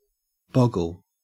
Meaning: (verb) 1. (literally or figuratively) to stop or hesitate as if suddenly seeing a bogle 2. To be bewildered, dumbfounded, or confused 3. To confuse or mystify; overwhelm
- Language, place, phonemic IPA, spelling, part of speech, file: English, Queensland, /ˈbɔɡ.əl/, boggle, verb / noun, En-au-boggle.ogg